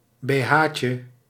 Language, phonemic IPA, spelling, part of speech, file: Dutch, /beˈhacə/, bh'tje, noun, Nl-bh'tje.ogg
- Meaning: diminutive of bh